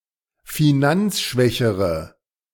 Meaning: inflection of finanzschwach: 1. strong/mixed nominative/accusative feminine singular comparative degree 2. strong nominative/accusative plural comparative degree
- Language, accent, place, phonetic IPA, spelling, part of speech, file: German, Germany, Berlin, [fiˈnant͡sˌʃvɛçəʁə], finanzschwächere, adjective, De-finanzschwächere.ogg